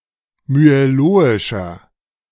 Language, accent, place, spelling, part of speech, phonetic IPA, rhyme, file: German, Germany, Berlin, myeloischer, adjective, [myeˈloːɪʃɐ], -oːɪʃɐ, De-myeloischer.ogg
- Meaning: inflection of myeloisch: 1. strong/mixed nominative masculine singular 2. strong genitive/dative feminine singular 3. strong genitive plural